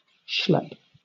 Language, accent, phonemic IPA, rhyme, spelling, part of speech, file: English, Southern England, /ʃlɛp/, -ɛp, schlepp, verb / noun, LL-Q1860 (eng)-schlepp.wav
- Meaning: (verb) Alternative form of schlep